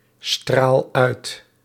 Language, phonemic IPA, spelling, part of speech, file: Dutch, /ˈstral ˈœyt/, straal uit, verb, Nl-straal uit.ogg
- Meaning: inflection of uitstralen: 1. first-person singular present indicative 2. second-person singular present indicative 3. imperative